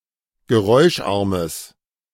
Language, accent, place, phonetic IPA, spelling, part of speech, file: German, Germany, Berlin, [ɡəˈʁɔɪ̯ʃˌʔaʁməs], geräuscharmes, adjective, De-geräuscharmes.ogg
- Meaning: strong/mixed nominative/accusative neuter singular of geräuscharm